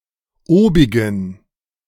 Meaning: inflection of obig: 1. strong genitive masculine/neuter singular 2. weak/mixed genitive/dative all-gender singular 3. strong/weak/mixed accusative masculine singular 4. strong dative plural
- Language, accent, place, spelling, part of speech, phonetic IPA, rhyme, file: German, Germany, Berlin, obigen, adjective, [ˈoːbɪɡn̩], -oːbɪɡn̩, De-obigen.ogg